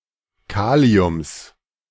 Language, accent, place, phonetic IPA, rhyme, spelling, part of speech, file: German, Germany, Berlin, [ˈkaːli̯ʊms], -aːli̯ʊms, Kaliums, noun, De-Kaliums.ogg
- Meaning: genitive singular of Kalium